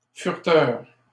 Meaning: 1. ferreter 2. snooper 3. browser
- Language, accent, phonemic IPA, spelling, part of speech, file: French, Canada, /fyʁ.tœʁ/, fureteur, noun, LL-Q150 (fra)-fureteur.wav